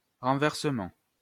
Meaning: 1. act of knocking over 2. reversal 3. inversion (rearrangement of the top-to-bottom elements in an interval, a chord)
- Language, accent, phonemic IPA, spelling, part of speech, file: French, France, /ʁɑ̃.vɛʁ.sə.mɑ̃/, renversement, noun, LL-Q150 (fra)-renversement.wav